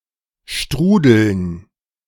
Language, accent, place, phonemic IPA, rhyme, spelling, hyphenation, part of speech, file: German, Germany, Berlin, /ˈʃtʁuːdl̩n/, -uːdl̩n, strudeln, stru‧deln, verb, De-strudeln.ogg
- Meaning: to swirl